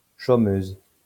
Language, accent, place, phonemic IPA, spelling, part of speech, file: French, France, Lyon, /ʃo.møz/, chômeuse, noun, LL-Q150 (fra)-chômeuse.wav
- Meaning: female equivalent of chômeur